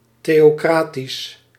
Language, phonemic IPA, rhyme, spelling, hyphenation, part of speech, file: Dutch, /ˌteː.oːˈkraː.tis/, -aːtis, theocratisch, theo‧cra‧tisch, adjective, Nl-theocratisch.ogg
- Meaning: theocratic